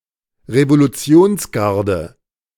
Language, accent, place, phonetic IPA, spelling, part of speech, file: German, Germany, Berlin, [ʁevoluˈt͡si̯oːnsˌɡaʁdə], Revolutionsgarde, noun, De-Revolutionsgarde.ogg
- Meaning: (noun) revolutionary guard; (proper noun) Iranian Revolutionary Guard